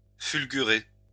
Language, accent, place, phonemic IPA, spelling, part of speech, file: French, France, Lyon, /fyl.ɡy.ʁe/, fulgurer, verb, LL-Q150 (fra)-fulgurer.wav
- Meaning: to fulgurate (to emit lightning)